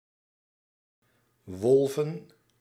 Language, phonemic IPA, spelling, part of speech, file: Dutch, /ˈʋɔlvə(n)/, wolven, noun, Nl-wolven.ogg
- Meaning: plural of wolf